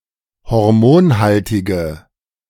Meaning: inflection of hormonhaltig: 1. strong/mixed nominative/accusative feminine singular 2. strong nominative/accusative plural 3. weak nominative all-gender singular
- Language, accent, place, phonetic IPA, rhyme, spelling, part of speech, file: German, Germany, Berlin, [hɔʁˈmoːnˌhaltɪɡə], -oːnhaltɪɡə, hormonhaltige, adjective, De-hormonhaltige.ogg